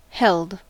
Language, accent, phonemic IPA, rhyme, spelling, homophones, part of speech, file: English, US, /ˈhɛld/, -ɛld, held, helled, verb, En-us-held.ogg
- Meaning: simple past and past participle of hold